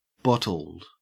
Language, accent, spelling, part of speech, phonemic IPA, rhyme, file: English, Australia, bottled, verb / adjective, /ˈbɒtəld/, -ɒtəld, En-au-bottled.ogg
- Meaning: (verb) simple past and past participle of bottle; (adjective) 1. Packaged in a bottle 2. drunk 3. Shaped or protuberant like a bottle 4. Kept in restraint; bottled up